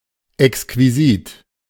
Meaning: exquisite
- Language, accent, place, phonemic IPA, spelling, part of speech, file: German, Germany, Berlin, /ɛkskviˈziːt/, exquisit, adjective, De-exquisit.ogg